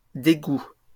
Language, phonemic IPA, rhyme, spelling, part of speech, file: French, /de.ɡu/, -u, dégoûts, noun, LL-Q150 (fra)-dégoûts.wav
- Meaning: plural of dégoût